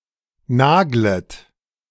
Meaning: second-person plural subjunctive I of nageln
- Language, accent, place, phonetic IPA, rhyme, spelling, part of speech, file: German, Germany, Berlin, [ˈnaːɡlət], -aːɡlət, naglet, verb, De-naglet.ogg